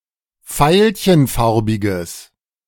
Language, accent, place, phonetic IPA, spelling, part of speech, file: German, Germany, Berlin, [ˈfaɪ̯lçənˌfaʁbɪɡəs], veilchenfarbiges, adjective, De-veilchenfarbiges.ogg
- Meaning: strong/mixed nominative/accusative neuter singular of veilchenfarbig